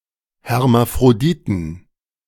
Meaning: 1. genitive singular of Hermaphrodit 2. plural of Hermaphrodit
- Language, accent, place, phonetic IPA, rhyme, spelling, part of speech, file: German, Germany, Berlin, [hɛʁmafʁoˈdiːtn̩], -iːtn̩, Hermaphroditen, noun, De-Hermaphroditen.ogg